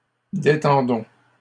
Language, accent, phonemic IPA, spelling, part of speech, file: French, Canada, /de.tɑ̃.dɔ̃/, détendons, verb, LL-Q150 (fra)-détendons.wav
- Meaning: inflection of détendre: 1. first-person plural present indicative 2. first-person plural imperative